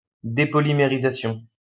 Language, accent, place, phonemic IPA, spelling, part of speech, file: French, France, Lyon, /de.pɔ.li.me.ʁi.za.sjɔ̃/, dépolymérisation, noun, LL-Q150 (fra)-dépolymérisation.wav
- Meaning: depolymerization